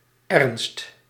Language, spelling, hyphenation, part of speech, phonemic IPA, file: Dutch, ernst, ernst, noun, /ɛrnst/, Nl-ernst.ogg
- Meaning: 1. seriousness 2. earnestness, industriousness